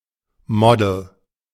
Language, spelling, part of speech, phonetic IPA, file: German, Model, noun, [ˈmɔ.dl̩], De-Model.ogg
- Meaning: model